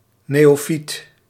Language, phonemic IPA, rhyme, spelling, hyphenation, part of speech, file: Dutch, /ˌneː.oːˈfit/, -it, neofiet, neo‧fiet, noun, Nl-neofiet.ogg
- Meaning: 1. neophyte (new convert, new monk) 2. novice 3. superseded spelling of neofyt (“recently introduced plant species”)